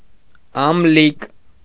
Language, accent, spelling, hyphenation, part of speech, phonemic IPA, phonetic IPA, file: Armenian, Eastern Armenian, ամլիկ, ամ‧լիկ, noun, /ɑmˈlik/, [ɑmlík], Hy-ամլիկ.ogg
- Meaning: 1. suckling lamb 2. suckling infant